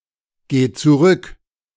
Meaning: singular imperative of zurückgehen
- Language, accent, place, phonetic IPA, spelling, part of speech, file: German, Germany, Berlin, [ˌɡeː t͡suˈʁʏk], geh zurück, verb, De-geh zurück.ogg